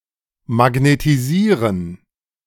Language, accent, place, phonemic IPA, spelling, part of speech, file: German, Germany, Berlin, /maɡnetiˈziːʁən/, magnetisieren, verb, De-magnetisieren.ogg
- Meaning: to magnetize / magnetise